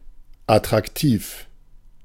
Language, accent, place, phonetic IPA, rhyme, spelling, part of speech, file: German, Germany, Berlin, [atʁakˈtiːf], -iːf, attraktiv, adjective, De-attraktiv.ogg
- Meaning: attractive, fetching; handsome